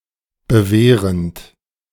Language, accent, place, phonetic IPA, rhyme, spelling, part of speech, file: German, Germany, Berlin, [bəˈveːʁənt], -eːʁənt, bewehrend, verb, De-bewehrend.ogg
- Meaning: present participle of bewehren